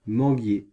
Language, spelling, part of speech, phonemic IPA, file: French, manguier, noun, /mɑ̃.ɡje/, Fr-manguier.ogg
- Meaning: mango tree